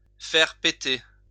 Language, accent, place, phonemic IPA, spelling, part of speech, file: French, France, Lyon, /fɛʁ pe.te/, faire péter, verb, LL-Q150 (fra)-faire péter.wav
- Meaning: 1. Cause something to break or explode; blow up something 2. to pass, to hand something (for the speaker's enjoyment)